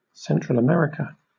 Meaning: A continental region in North America, consisting of the countries lying between Mexico and South America
- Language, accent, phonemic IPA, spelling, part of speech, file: English, Southern England, /ˌsɛntɹəl əˈmɛɹɪkə/, Central America, proper noun, LL-Q1860 (eng)-Central America.wav